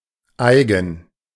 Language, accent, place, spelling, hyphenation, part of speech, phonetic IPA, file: German, Germany, Berlin, eigen, ei‧gen, adjective, [ˈʔaɪ̯ɡŋ̍], De-eigen.ogg
- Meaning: own, peculiar or private to someone, idiosyncratic, proper or proprietary